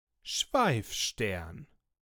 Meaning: comet
- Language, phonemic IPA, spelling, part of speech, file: German, /ˈʃvaɪ̯fˌʃtɛʁn/, Schweifstern, noun, De-Schweifstern.ogg